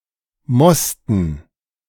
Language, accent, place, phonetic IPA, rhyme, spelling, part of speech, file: German, Germany, Berlin, [ˈmɔstn̩], -ɔstn̩, Mosten, noun, De-Mosten.ogg
- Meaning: dative plural of Most